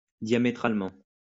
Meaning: diametrically
- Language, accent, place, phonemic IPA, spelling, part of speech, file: French, France, Lyon, /dja.me.tʁal.mɑ̃/, diamétralement, adverb, LL-Q150 (fra)-diamétralement.wav